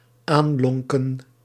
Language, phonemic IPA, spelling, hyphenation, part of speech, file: Dutch, /ˈaːnˌlɔŋ.kə(n)/, aanlonken, aan‧lon‧ken, verb, Nl-aanlonken.ogg
- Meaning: synonym of toelonken